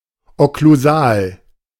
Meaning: occlusal
- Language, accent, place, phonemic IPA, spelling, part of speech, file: German, Germany, Berlin, /ɔkluˈzaːl/, okklusal, adjective, De-okklusal.ogg